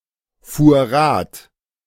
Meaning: first/third-person singular preterite of Rad fahren
- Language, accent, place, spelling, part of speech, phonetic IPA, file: German, Germany, Berlin, fuhr Rad, verb, [ˌfuːɐ̯ ˈʁaːt], De-fuhr Rad.ogg